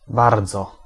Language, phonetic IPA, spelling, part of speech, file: Polish, [ˈbard͡zɔ], bardzo, adverb, Pl-bardzo.ogg